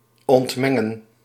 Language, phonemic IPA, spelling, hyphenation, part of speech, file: Dutch, /ˌɔntˈmɛ.ŋə(n)/, ontmengen, ont‧men‧gen, verb, Nl-ontmengen.ogg
- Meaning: to demix, to dissociate, to separate